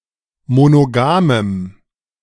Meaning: strong dative masculine/neuter singular of monogam
- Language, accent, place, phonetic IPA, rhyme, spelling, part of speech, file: German, Germany, Berlin, [monoˈɡaːməm], -aːməm, monogamem, adjective, De-monogamem.ogg